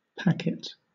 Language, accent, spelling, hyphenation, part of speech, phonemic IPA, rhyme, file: English, Southern England, packet, pack‧et, noun / verb, /ˈpæk.ɪt/, -ækɪt, LL-Q1860 (eng)-packet.wav
- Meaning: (noun) A small pack or package; a little bundle or parcel